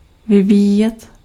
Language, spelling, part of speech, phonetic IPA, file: Czech, vyvíjet, verb, [ˈvɪviːjɛt], Cs-vyvíjet.ogg
- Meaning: to develop